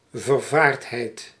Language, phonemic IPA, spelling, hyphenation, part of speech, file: Dutch, /vərˈvaːrtˌɦɛi̯t/, vervaardheid, ver‧vaard‧heid, noun, Nl-vervaardheid.ogg
- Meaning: fright, trepidation